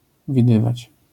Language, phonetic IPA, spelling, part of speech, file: Polish, [vʲiˈdɨvat͡ɕ], widywać, verb, LL-Q809 (pol)-widywać.wav